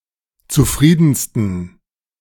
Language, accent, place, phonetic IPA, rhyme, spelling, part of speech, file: German, Germany, Berlin, [t͡suˈfʁiːdn̩stən], -iːdn̩stən, zufriedensten, adjective, De-zufriedensten.ogg
- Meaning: 1. superlative degree of zufrieden 2. inflection of zufrieden: strong genitive masculine/neuter singular superlative degree